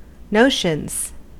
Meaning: plural of notion
- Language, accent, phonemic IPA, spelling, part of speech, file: English, US, /ˈnoʊʃənz/, notions, noun, En-us-notions.ogg